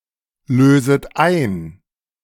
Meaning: second-person plural subjunctive I of einlösen
- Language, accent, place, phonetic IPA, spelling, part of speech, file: German, Germany, Berlin, [ˌløːzət ˈaɪ̯n], löset ein, verb, De-löset ein.ogg